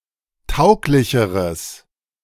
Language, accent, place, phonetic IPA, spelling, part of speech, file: German, Germany, Berlin, [ˈtaʊ̯klɪçəʁəs], tauglicheres, adjective, De-tauglicheres.ogg
- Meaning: strong/mixed nominative/accusative neuter singular comparative degree of tauglich